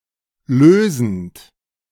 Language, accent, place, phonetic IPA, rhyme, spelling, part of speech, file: German, Germany, Berlin, [ˈløːzn̩t], -øːzn̩t, lösend, verb, De-lösend.ogg
- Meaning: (verb) present participle of lösen; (adjective) solvent